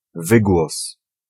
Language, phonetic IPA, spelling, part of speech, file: Polish, [ˈvɨɡwɔs], wygłos, noun, Pl-wygłos.ogg